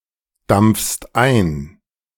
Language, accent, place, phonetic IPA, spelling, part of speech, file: German, Germany, Berlin, [ˌdamp͡fst ˈaɪ̯n], dampfst ein, verb, De-dampfst ein.ogg
- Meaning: second-person singular present of eindampfen